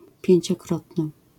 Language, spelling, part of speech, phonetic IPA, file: Polish, pięciokrotny, adjective, [ˌpʲjɛ̇̃ɲt͡ɕɔˈkrɔtnɨ], LL-Q809 (pol)-pięciokrotny.wav